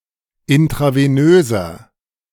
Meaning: inflection of intravenös: 1. strong/mixed nominative masculine singular 2. strong genitive/dative feminine singular 3. strong genitive plural
- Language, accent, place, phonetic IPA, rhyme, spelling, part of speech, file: German, Germany, Berlin, [ɪntʁaveˈnøːzɐ], -øːzɐ, intravenöser, adjective, De-intravenöser.ogg